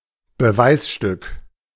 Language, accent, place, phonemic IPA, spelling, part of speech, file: German, Germany, Berlin, /bəˈvaɪ̯sʃtʏk/, Beweisstück, noun, De-Beweisstück.ogg
- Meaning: piece of evidence